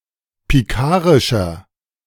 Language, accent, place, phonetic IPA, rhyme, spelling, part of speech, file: German, Germany, Berlin, [piˈkaːʁɪʃɐ], -aːʁɪʃɐ, pikarischer, adjective, De-pikarischer.ogg
- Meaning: 1. comparative degree of pikarisch 2. inflection of pikarisch: strong/mixed nominative masculine singular 3. inflection of pikarisch: strong genitive/dative feminine singular